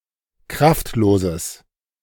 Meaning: strong/mixed nominative/accusative neuter singular of kraftlos
- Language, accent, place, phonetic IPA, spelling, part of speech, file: German, Germany, Berlin, [ˈkʁaftˌloːzəs], kraftloses, adjective, De-kraftloses.ogg